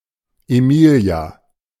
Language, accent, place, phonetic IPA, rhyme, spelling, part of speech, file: German, Germany, Berlin, [eˈmiːli̯a], -iːli̯a, Emilia, proper noun, De-Emilia.ogg
- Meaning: a female given name from Latin, variant of Emilie